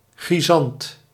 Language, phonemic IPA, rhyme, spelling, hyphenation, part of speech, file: Dutch, /xriˈzɑnt/, -ɑnt, chrysant, chry‧sant, noun, Nl-chrysant.ogg
- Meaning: a chrysanthemum, flowering plant of the genus Chrysanthemum